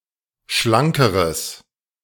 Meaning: strong/mixed nominative/accusative neuter singular comparative degree of schlank
- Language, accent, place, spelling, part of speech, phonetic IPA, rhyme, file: German, Germany, Berlin, schlankeres, adjective, [ˈʃlaŋkəʁəs], -aŋkəʁəs, De-schlankeres.ogg